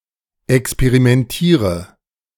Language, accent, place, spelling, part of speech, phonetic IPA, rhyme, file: German, Germany, Berlin, experimentiere, verb, [ɛkspeʁimɛnˈtiːʁə], -iːʁə, De-experimentiere.ogg
- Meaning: inflection of experimentieren: 1. first-person singular present 2. singular imperative 3. first/third-person singular subjunctive I